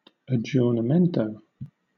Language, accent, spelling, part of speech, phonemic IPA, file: English, Southern England, aggiornamento, noun, /əˌdʒɔːnəˈmɛntəʊ/, LL-Q1860 (eng)-aggiornamento.wav